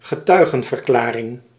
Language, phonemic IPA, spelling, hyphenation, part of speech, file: Dutch, /ɣəˈtœy̯.ɣə(n).vərˌklaː.rɪŋ/, getuigenverklaring, ge‧tui‧gen‧ver‧kla‧ring, noun, Nl-getuigenverklaring.ogg
- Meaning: witness testimony